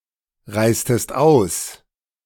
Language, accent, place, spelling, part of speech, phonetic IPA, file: German, Germany, Berlin, reistest aus, verb, [ˌʁaɪ̯stəst ˈaʊ̯s], De-reistest aus.ogg
- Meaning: inflection of ausreisen: 1. second-person singular preterite 2. second-person singular subjunctive II